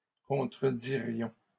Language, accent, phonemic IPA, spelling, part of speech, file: French, Canada, /kɔ̃.tʁə.di.ʁjɔ̃/, contredirions, verb, LL-Q150 (fra)-contredirions.wav
- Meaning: first-person plural conditional of contredire